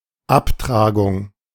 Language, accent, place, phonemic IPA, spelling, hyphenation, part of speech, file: German, Germany, Berlin, /ˈapˌtʁaːɡʊŋ/, Abtragung, Ab‧tra‧gung, noun, De-Abtragung.ogg
- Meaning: 1. gradual demolition 2. wear (damage caused by use) 3. amortization, gradual repayment 4. erosion 5. degradation 6. surgical removal (of warts, ulcers)